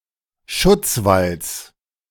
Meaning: genitive singular of Schutzwall
- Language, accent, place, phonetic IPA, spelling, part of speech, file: German, Germany, Berlin, [ˈʃʊt͡sˌvals], Schutzwalls, noun, De-Schutzwalls.ogg